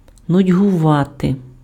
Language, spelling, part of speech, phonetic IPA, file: Ukrainian, нудьгувати, verb, [nʊdʲɦʊˈʋate], Uk-нудьгувати.ogg
- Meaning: 1. to be bored, to feel bored 2. to long for (за (za) + instrumental or по (po) + dative)